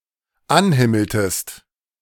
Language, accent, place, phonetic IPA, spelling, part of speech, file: German, Germany, Berlin, [ˈanˌhɪml̩təst], anhimmeltest, verb, De-anhimmeltest.ogg
- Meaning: inflection of anhimmeln: 1. second-person singular dependent preterite 2. second-person singular dependent subjunctive II